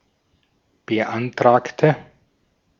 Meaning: inflection of beantragen: 1. first/third-person singular preterite 2. first/third-person singular subjunctive II
- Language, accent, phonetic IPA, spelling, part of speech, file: German, Austria, [bəˈʔantʁaːktə], beantragte, adjective / verb, De-at-beantragte.ogg